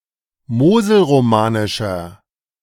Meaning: inflection of moselromanisch: 1. strong/mixed nominative masculine singular 2. strong genitive/dative feminine singular 3. strong genitive plural
- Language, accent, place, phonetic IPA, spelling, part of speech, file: German, Germany, Berlin, [ˈmoːzl̩ʁoˌmaːnɪʃɐ], moselromanischer, adjective, De-moselromanischer.ogg